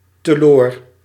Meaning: to a loss, to waste
- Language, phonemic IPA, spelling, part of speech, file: Dutch, /təˈloːr/, teloor, adverb, Nl-teloor.ogg